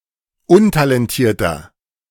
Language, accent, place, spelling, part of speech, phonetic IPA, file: German, Germany, Berlin, untalentierter, adjective, [ˈʊntalɛnˌtiːɐ̯tɐ], De-untalentierter.ogg
- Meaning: 1. comparative degree of untalentiert 2. inflection of untalentiert: strong/mixed nominative masculine singular 3. inflection of untalentiert: strong genitive/dative feminine singular